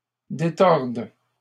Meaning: first/third-person singular present subjunctive of détordre
- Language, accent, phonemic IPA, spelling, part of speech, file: French, Canada, /de.tɔʁd/, détorde, verb, LL-Q150 (fra)-détorde.wav